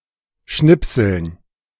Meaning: dative plural of Schnipsel
- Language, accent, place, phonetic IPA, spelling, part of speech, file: German, Germany, Berlin, [ˈʃnɪpsl̩n], Schnipseln, noun, De-Schnipseln.ogg